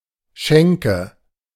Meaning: 1. alternative spelling of Schenke 2. nominative/accusative/genitive plural of Schank
- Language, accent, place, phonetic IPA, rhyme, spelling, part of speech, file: German, Germany, Berlin, [ˈʃɛŋkə], -ɛŋkə, Schänke, noun, De-Schänke.ogg